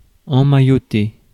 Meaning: 1. to wrap, to bind, to swaddle 2. to coddle, to pamper, to mollycoddle
- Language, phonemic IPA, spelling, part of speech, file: French, /ɑ̃.ma.jɔ.te/, emmailloter, verb, Fr-emmailloter.ogg